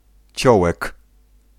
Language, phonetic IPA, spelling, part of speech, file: Polish, [ˈt͡ɕɔwɛk], ciołek, noun, Pl-ciołek.ogg